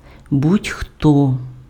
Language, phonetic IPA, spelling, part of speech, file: Ukrainian, [budʲ ˈxtɔ], будь-хто, pronoun, Uk-будь-хто.ogg
- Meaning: anyone, anybody